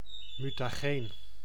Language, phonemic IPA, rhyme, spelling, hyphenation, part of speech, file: Dutch, /ˌmy.taːˈɣeːn/, -eːn, mutageen, mu‧ta‧geen, adjective / noun, Nl-mutageen.ogg
- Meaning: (adjective) mutagenic; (noun) mutagen